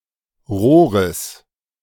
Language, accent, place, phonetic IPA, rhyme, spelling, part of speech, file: German, Germany, Berlin, [ˈʁoːʁəs], -oːʁəs, Rohres, noun, De-Rohres.ogg
- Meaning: genitive singular of Rohr